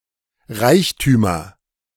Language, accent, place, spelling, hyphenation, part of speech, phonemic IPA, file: German, Germany, Berlin, Reichtümer, Reich‧tü‧mer, noun, /ˈʁaɪ̯çtyːmɐ/, De-Reichtümer.ogg
- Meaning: nominative/accusative/genitive plural of Reichtum